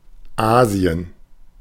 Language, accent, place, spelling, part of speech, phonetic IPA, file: German, Germany, Berlin, Asien, proper noun, [ˈaːzi̯ən], De-Asien.ogg
- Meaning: Asia (the largest continent, located between Europe and the Pacific Ocean)